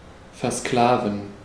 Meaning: to enslave
- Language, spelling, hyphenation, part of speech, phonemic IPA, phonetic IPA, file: German, versklaven, ver‧skla‧ven, verb, /fɛʁˈsklaːvən/, [fɛɐ̯ˈsklaːvn̩], De-versklaven.ogg